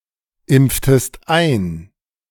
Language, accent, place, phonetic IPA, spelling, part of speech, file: German, Germany, Berlin, [ˌɪmp͡ftəst ˈaɪ̯n], impftest ein, verb, De-impftest ein.ogg
- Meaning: inflection of einimpfen: 1. second-person singular preterite 2. second-person singular subjunctive II